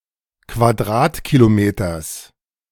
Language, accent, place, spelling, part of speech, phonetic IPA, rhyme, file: German, Germany, Berlin, Quadratkilometers, noun, [kvaˈdʁaːtkiloˌmeːtɐs], -aːtkilomeːtɐs, De-Quadratkilometers.ogg
- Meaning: genitive singular of Quadratkilometer